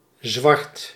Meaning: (adjective) 1. black 2. dark, black 3. illegally obtained, without paying due taxes; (noun) the colour black
- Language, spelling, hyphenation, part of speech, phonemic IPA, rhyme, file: Dutch, zwart, zwart, adjective / noun, /zʋɑrt/, -ɑrt, Nl-zwart.ogg